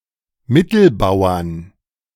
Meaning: 1. genitive/dative/accusative singular of Mittelbauer 2. plural of Mittelbauer
- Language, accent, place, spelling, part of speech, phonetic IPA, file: German, Germany, Berlin, Mittelbauern, noun, [ˈmɪtl̩ˌbaʊ̯ɐn], De-Mittelbauern.ogg